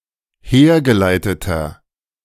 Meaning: inflection of hergeleitet: 1. strong/mixed nominative masculine singular 2. strong genitive/dative feminine singular 3. strong genitive plural
- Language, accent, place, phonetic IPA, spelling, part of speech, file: German, Germany, Berlin, [ˈheːɐ̯ɡəˌlaɪ̯tətɐ], hergeleiteter, adjective, De-hergeleiteter.ogg